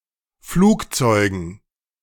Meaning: dative plural of Flugzeug
- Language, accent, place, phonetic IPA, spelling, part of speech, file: German, Germany, Berlin, [ˈfluːkˌt͡sɔɪ̯ɡn̩], Flugzeugen, noun, De-Flugzeugen.ogg